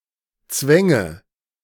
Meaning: first/third-person singular subjunctive II of zwingen
- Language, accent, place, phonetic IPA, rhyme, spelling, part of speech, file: German, Germany, Berlin, [ˈt͡svɛŋə], -ɛŋə, zwänge, verb, De-zwänge.ogg